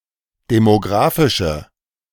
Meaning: inflection of demographisch: 1. strong/mixed nominative/accusative feminine singular 2. strong nominative/accusative plural 3. weak nominative all-gender singular
- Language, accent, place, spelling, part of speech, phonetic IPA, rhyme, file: German, Germany, Berlin, demographische, adjective, [demoˈɡʁaːfɪʃə], -aːfɪʃə, De-demographische.ogg